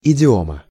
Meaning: 1. idiom 2. genitive singular of идио́м (idióm)
- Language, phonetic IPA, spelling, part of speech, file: Russian, [ɪdʲɪˈomə], идиома, noun, Ru-идиома.ogg